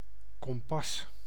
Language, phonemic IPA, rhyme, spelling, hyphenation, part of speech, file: Dutch, /kɔmˈpɑs/, -ɑs, kompas, kom‧pas, noun, Nl-kompas.ogg
- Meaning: compass (navigational compass)